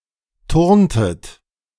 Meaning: inflection of turnen: 1. second-person plural preterite 2. second-person plural subjunctive II
- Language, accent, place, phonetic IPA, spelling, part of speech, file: German, Germany, Berlin, [ˈtʊʁntət], turntet, verb, De-turntet.ogg